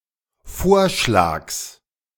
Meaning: genitive singular of Vorschlag
- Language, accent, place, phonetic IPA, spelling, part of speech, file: German, Germany, Berlin, [ˈfoːɐ̯ʃlaːks], Vorschlags, noun, De-Vorschlags.ogg